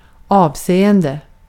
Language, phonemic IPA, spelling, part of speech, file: Swedish, /ˈɑːvˌseːɛndɛ/, avseende, noun / verb, Sv-avseende.ogg
- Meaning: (noun) 1. an aspect 2. a regard; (verb) present participle of avse